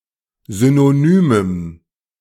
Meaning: strong dative masculine/neuter singular of synonym
- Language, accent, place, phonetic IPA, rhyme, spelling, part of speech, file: German, Germany, Berlin, [ˌzynoˈnyːməm], -yːməm, synonymem, adjective, De-synonymem.ogg